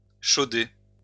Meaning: to spread lime as a fertiliser
- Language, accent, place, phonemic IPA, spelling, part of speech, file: French, France, Lyon, /ʃo.de/, chauder, verb, LL-Q150 (fra)-chauder.wav